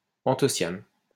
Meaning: anthocyanin
- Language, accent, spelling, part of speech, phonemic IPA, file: French, France, anthocyane, noun, /ɑ̃.tɔ.sjan/, LL-Q150 (fra)-anthocyane.wav